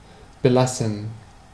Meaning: to leave something as it is
- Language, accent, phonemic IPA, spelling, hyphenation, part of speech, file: German, Germany, /bəˈlasən/, belassen, be‧las‧sen, verb, De-belassen.ogg